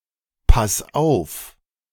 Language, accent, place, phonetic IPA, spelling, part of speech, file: German, Germany, Berlin, [ˌpas ˈaʊ̯f], pass auf, verb, De-pass auf.ogg
- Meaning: 1. singular imperative of aufpassen 2. first-person singular present of aufpassen